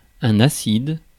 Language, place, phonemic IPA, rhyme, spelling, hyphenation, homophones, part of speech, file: French, Paris, /a.sid/, -id, acide, acide, acides, adjective / noun, Fr-acide.ogg
- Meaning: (adjective) 1. acid, acidic, sour, tart 2. acid, acidic; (noun) 1. acid 2. LSD (acid)